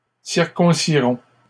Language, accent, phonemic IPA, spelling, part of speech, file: French, Canada, /siʁ.kɔ̃.si.ʁɔ̃/, circonciront, verb, LL-Q150 (fra)-circonciront.wav
- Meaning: third-person plural simple future of circoncire